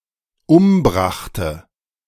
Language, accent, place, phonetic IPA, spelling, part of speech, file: German, Germany, Berlin, [ˈʊmˌbʁaxtə], umbrachte, verb, De-umbrachte.ogg
- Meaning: first/third-person singular dependent preterite of umbringen